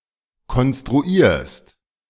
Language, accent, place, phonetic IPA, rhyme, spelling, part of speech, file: German, Germany, Berlin, [kɔnstʁuˈiːɐ̯st], -iːɐ̯st, konstruierst, verb, De-konstruierst.ogg
- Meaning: second-person singular present of konstruieren